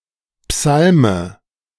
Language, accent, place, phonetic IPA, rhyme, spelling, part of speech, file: German, Germany, Berlin, [ˈpsalmə], -almə, Psalme, noun, De-Psalme.ogg
- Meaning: dative of Psalm